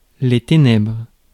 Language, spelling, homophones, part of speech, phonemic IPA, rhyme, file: French, ténèbres, ténèbre, noun, /te.nɛbʁ/, -ɛbʁ, Fr-ténèbres.ogg
- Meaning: 1. darkness, the shadows 2. obscurity